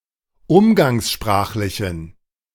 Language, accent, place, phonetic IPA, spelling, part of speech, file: German, Germany, Berlin, [ˈʊmɡaŋsˌʃpʁaːxlɪçn̩], umgangssprachlichen, adjective, De-umgangssprachlichen.ogg
- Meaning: inflection of umgangssprachlich: 1. strong genitive masculine/neuter singular 2. weak/mixed genitive/dative all-gender singular 3. strong/weak/mixed accusative masculine singular